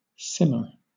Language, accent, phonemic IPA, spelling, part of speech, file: English, Southern England, /ˈsɪmə/, simmer, verb / noun, LL-Q1860 (eng)-simmer.wav
- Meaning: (verb) 1. To cook or undergo heating slowly at or below the boiling point 2. To cause to cook or to cause to undergo heating slowly at or below the boiling point